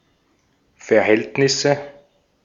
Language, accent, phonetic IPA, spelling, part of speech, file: German, Austria, [fɛɐ̯ˈhɛltnɪsə], Verhältnisse, noun, De-at-Verhältnisse.ogg
- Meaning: nominative/accusative/genitive plural of Verhältnis